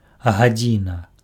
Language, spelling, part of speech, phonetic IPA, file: Belarusian, гадзіна, noun, [ɣaˈd͡zʲina], Be-гадзіна.ogg
- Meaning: hour (unit of time)